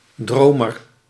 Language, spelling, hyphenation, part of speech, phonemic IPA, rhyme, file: Dutch, dromer, dro‧mer, noun, /ˈdroː.mər/, -oːmər, Nl-dromer.ogg
- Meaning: 1. a dreamer, who has (a) dream(s) 2. a dreamy person, focused especially on dreaming, even at the expense of reality 3. a seer who sees visions in dreams